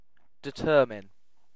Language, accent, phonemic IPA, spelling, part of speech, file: English, UK, /dɪˈtɜː(ɹ).mɪn/, determine, verb, En-uk-determine.ogg
- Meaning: 1. To set the boundaries or limits of 2. To ascertain definitely; to figure out, find out, or conclude by analyzing, calculating, or investigating